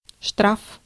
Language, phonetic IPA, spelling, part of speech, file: Russian, [ʂtraf], штраф, noun, Ru-штраф.ogg
- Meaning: 1. fine, penalty, citation 2. shtrafbat